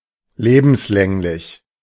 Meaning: for life, life
- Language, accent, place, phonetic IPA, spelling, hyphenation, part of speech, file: German, Germany, Berlin, [ˈleːbm̩sˌlɛŋlɪç], lebenslänglich, le‧bens‧läng‧lich, adjective, De-lebenslänglich.ogg